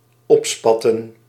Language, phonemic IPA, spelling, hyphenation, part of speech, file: Dutch, /ˈɔpˌspɑ.tə(n)/, opspatten, op‧spat‧ten, verb, Nl-opspatten.ogg
- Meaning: to disperse and be projected in droplets; to spatter, to splash, to scatter (usually in haphazard or random directions with a vertical component)